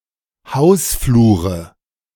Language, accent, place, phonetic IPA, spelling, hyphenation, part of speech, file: German, Germany, Berlin, [ˈhaʊ̯sˌfluːʁə], Hausflure, Haus‧flu‧re, noun, De-Hausflure.ogg
- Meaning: nominative/accusative/genitive plural of Hausflur